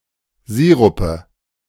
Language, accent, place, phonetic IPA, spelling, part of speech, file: German, Germany, Berlin, [ˈziːʁʊpə], Sirupe, noun, De-Sirupe.ogg
- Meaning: nominative/accusative/genitive plural of Sirup